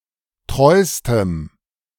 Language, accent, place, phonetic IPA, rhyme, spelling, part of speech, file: German, Germany, Berlin, [ˈtʁɔɪ̯stəm], -ɔɪ̯stəm, treustem, adjective, De-treustem.ogg
- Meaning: strong dative masculine/neuter singular superlative degree of treu